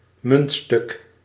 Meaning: a coin, metallic piece of cash
- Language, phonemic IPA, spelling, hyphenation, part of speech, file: Dutch, /ˈmʏnt.stʏk/, muntstuk, munt‧stuk, noun, Nl-muntstuk.ogg